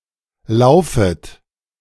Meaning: second-person plural subjunctive I of laufen
- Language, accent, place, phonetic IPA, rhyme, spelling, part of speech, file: German, Germany, Berlin, [ˈlaʊ̯fət], -aʊ̯fət, laufet, verb, De-laufet.ogg